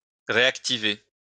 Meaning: to reactivate
- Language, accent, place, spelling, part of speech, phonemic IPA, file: French, France, Lyon, réactiver, verb, /ʁe.ak.ti.ve/, LL-Q150 (fra)-réactiver.wav